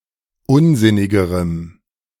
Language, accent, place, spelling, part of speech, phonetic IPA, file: German, Germany, Berlin, unsinnigerem, adjective, [ˈʊnˌzɪnɪɡəʁəm], De-unsinnigerem.ogg
- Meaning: strong dative masculine/neuter singular comparative degree of unsinnig